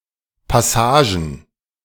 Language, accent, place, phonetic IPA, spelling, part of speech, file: German, Germany, Berlin, [paˈsaːʒən], Passagen, noun, De-Passagen.ogg
- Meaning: plural of Passage